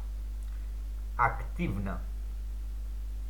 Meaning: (adverb) actively; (adjective) short neuter singular of акти́вный (aktívnyj, “active”)
- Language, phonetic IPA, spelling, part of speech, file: Russian, [ɐkˈtʲivnə], активно, adverb / adjective, Ru-активно.ogg